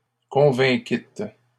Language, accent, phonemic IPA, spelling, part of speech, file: French, Canada, /kɔ̃.vɛ̃.kit/, convainquîtes, verb, LL-Q150 (fra)-convainquîtes.wav
- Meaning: second-person plural past historic of convaincre